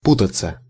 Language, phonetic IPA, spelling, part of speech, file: Russian, [ˈputət͡sə], путаться, verb, Ru-путаться.ogg
- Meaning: 1. to get tangled 2. to be misled, to get confused, to get mixed up 3. to interfere (in), to meddle (in) 4. to keep company (with), to get mixed up (with) 5. to sleep (with), to go to bed (with)